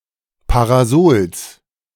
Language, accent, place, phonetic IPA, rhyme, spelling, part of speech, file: German, Germany, Berlin, [paʁaˈzoːls], -oːls, Parasols, noun, De-Parasols.ogg
- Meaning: genitive singular of Parasol